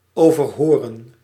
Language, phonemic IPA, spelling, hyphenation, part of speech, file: Dutch, /ˌoːvərˈɦoːrə(n)/, overhoren, over‧ho‧ren, verb, Nl-overhoren.ogg
- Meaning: 1. to question, to interrogate 2. to examine orally